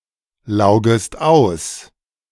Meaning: second-person singular subjunctive I of auslaugen
- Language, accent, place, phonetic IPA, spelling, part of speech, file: German, Germany, Berlin, [ˌlaʊ̯ɡəst ˈaʊ̯s], laugest aus, verb, De-laugest aus.ogg